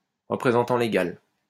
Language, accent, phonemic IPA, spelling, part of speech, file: French, France, /ʁə.pʁe.zɑ̃.tɑ̃ le.ɡal/, représentant légal, noun, LL-Q150 (fra)-représentant légal.wav
- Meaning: legal representative